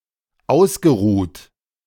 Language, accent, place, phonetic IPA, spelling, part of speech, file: German, Germany, Berlin, [ˈaʊ̯sɡəˌʁuːt], ausgeruht, verb, De-ausgeruht.ogg
- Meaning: past participle of ausruhen